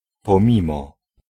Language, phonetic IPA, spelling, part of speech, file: Polish, [pɔ̃ˈmʲĩmɔ], pomimo, preposition, Pl-pomimo.ogg